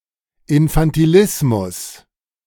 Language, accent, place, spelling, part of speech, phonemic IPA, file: German, Germany, Berlin, Infantilismus, noun, /ɪnfantiˈlɪsmʊs/, De-Infantilismus.ogg
- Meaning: infantilism